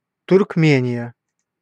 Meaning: Turkmenistan (a country in Central Asia)
- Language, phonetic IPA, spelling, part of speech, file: Russian, [tʊrkˈmʲenʲɪjə], Туркмения, proper noun, Ru-Туркмения.ogg